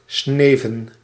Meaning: 1. to fall 2. to die in battle 3. to perish, cease to exist
- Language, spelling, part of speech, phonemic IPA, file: Dutch, sneven, verb, /ˈsnevə(n)/, Nl-sneven.ogg